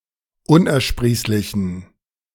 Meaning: inflection of unersprießlich: 1. strong genitive masculine/neuter singular 2. weak/mixed genitive/dative all-gender singular 3. strong/weak/mixed accusative masculine singular 4. strong dative plural
- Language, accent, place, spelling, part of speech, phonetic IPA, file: German, Germany, Berlin, unersprießlichen, adjective, [ˈʊnʔɛɐ̯ˌʃpʁiːslɪçn̩], De-unersprießlichen.ogg